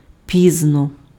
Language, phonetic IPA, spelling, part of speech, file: Ukrainian, [ˈpʲiznɔ], пізно, adverb, Uk-пізно.ogg
- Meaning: late (occurring near the end of a period of time or after a designated time)